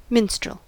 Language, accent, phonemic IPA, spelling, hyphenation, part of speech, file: English, General American, /ˈmɪnstɹ(ə)l/, minstrel, mins‧trel, noun / verb, En-us-minstrel.ogg